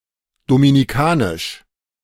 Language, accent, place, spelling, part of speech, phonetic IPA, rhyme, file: German, Germany, Berlin, dominikanisch, adjective, [dominiˈkaːnɪʃ], -aːnɪʃ, De-dominikanisch.ogg
- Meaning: Dominican (of, from or relating to the Dominican Republic)